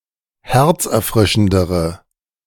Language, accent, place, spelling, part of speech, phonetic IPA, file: German, Germany, Berlin, herzerfrischendere, adjective, [ˈhɛʁt͡sʔɛɐ̯ˌfʁɪʃn̩dəʁə], De-herzerfrischendere.ogg
- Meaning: inflection of herzerfrischend: 1. strong/mixed nominative/accusative feminine singular comparative degree 2. strong nominative/accusative plural comparative degree